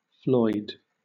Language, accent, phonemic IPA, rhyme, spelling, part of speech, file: English, Southern England, /flɔɪd/, -ɔɪd, Floyd, proper noun, LL-Q1860 (eng)-Floyd.wav
- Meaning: 1. A surname from Welsh, variant of Lloyd 2. A male given name transferred from the surname, variant of Lloyd, today particularly common among African Americans